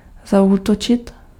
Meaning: to attack, to launch an attack
- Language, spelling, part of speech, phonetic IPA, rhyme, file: Czech, zaútočit, verb, [ˈzauːtot͡ʃɪt], -otʃɪt, Cs-zaútočit.ogg